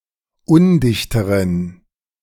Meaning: inflection of undicht: 1. strong genitive masculine/neuter singular comparative degree 2. weak/mixed genitive/dative all-gender singular comparative degree
- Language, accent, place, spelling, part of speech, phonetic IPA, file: German, Germany, Berlin, undichteren, adjective, [ˈʊndɪçtəʁən], De-undichteren.ogg